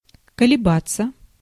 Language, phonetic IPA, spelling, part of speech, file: Russian, [kəlʲɪˈbat͡sːə], колебаться, verb, Ru-колебаться.ogg
- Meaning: 1. to oscillate, to vibrate, to vacillate, to sway 2. to fluctuate, to vary 3. to hesitate, to waver 4. passive of колеба́ть (kolebátʹ)